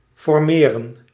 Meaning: to form
- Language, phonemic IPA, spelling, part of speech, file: Dutch, /fɔrˈmeːrə(n)/, formeren, verb, Nl-formeren.ogg